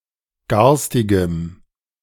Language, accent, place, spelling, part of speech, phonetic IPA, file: German, Germany, Berlin, garstigem, adjective, [ˈɡaʁstɪɡəm], De-garstigem.ogg
- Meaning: strong dative masculine/neuter singular of garstig